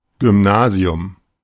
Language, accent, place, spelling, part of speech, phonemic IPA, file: German, Germany, Berlin, Gymnasium, noun, /ɡʏmˈnaːziʊm/, De-Gymnasium.ogg
- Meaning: grammar school (UK), prep school (US) (school used to prepare students for university)